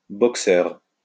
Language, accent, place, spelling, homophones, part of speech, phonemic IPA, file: French, France, Lyon, boxeur, boxeurs, noun, /bɔk.sœʁ/, LL-Q150 (fra)-boxeur.wav
- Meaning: boxer (participant in boxing)